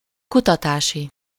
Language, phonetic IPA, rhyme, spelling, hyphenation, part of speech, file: Hungarian, [ˈkutɒtaːʃi], -ʃi, kutatási, ku‧ta‧tá‧si, adjective, Hu-kutatási.ogg
- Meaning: research, investigational